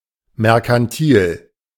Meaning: mercantile
- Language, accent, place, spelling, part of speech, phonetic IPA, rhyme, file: German, Germany, Berlin, merkantil, adjective, [mɛʁkanˈtiːl], -iːl, De-merkantil.ogg